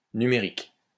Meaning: 1. number, numeric, numerical 2. digital
- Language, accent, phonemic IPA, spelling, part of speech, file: French, France, /ny.me.ʁik/, numérique, adjective, LL-Q150 (fra)-numérique.wav